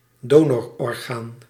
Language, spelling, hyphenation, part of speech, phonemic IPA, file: Dutch, donororgaan, do‧nor‧or‧gaan, noun, /ˈdoː.nɔr.ɔrˌɣaːn/, Nl-donororgaan.ogg
- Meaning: a donor organ